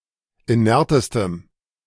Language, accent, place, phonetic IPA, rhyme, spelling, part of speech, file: German, Germany, Berlin, [iˈnɛʁtəstəm], -ɛʁtəstəm, inertestem, adjective, De-inertestem.ogg
- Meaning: strong dative masculine/neuter singular superlative degree of inert